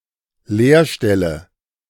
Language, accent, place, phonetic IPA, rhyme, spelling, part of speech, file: German, Germany, Berlin, [ˈleːɐ̯ˌʃtɛlə], -eːɐ̯ʃtɛlə, Leerstelle, noun, De-Leerstelle.ogg
- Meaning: 1. space, gap (empty place) 2. blank space, space 3. vacancy